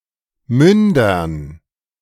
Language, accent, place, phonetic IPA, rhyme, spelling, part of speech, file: German, Germany, Berlin, [ˈmʏndɐn], -ʏndɐn, Mündern, noun, De-Mündern.ogg
- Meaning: dative plural of Mund